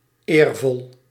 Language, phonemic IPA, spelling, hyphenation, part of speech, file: Dutch, /ˈeːr.vɔl/, eervol, eer‧vol, adjective / adverb, Nl-eervol.ogg
- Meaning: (adjective) honorable; (UK) honourable; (adverb) honorably; (UK) honourably